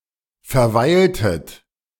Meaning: inflection of verweilen: 1. second-person plural preterite 2. second-person plural subjunctive II
- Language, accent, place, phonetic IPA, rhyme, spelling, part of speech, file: German, Germany, Berlin, [fɛɐ̯ˈvaɪ̯ltət], -aɪ̯ltət, verweiltet, verb, De-verweiltet.ogg